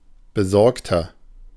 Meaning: 1. comparative degree of besorgt 2. inflection of besorgt: strong/mixed nominative masculine singular 3. inflection of besorgt: strong genitive/dative feminine singular
- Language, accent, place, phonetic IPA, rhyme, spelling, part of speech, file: German, Germany, Berlin, [bəˈzɔʁktɐ], -ɔʁktɐ, besorgter, adjective, De-besorgter.ogg